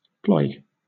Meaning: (noun) 1. A tactic, strategy, or scheme 2. Sport; frolic 3. Employment; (verb) To form a column from a line of troops on some designated subdivision
- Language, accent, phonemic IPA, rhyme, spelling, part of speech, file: English, Southern England, /plɔɪ/, -ɔɪ, ploy, noun / verb, LL-Q1860 (eng)-ploy.wav